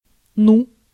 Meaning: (interjection) 1. well 2. word!; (verb) (an encouragement marker for the other person to go on)
- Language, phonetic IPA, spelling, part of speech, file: Russian, [nu], ну, interjection / verb, Ru-ну.ogg